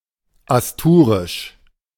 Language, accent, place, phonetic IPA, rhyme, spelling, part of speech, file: German, Germany, Berlin, [asˈtuːʁɪʃ], -uːʁɪʃ, Asturisch, noun, De-Asturisch.ogg
- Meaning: Asturian